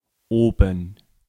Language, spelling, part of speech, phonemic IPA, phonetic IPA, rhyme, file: German, oben, adverb, /ˈʔoːbən/, [ˈoːbm̩], -oːbən, De-oben.ogg
- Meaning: 1. above 2. north 3. upstairs 4. at an earlier point in a text